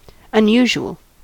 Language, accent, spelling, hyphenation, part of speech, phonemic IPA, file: English, US, unusual, un‧u‧sual, adjective / noun, /ʌnˈjuːʒ(u)əl/, En-us-unusual.ogg
- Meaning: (adjective) Not usual, out of the ordinary; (noun) Something that is unusual; an anomaly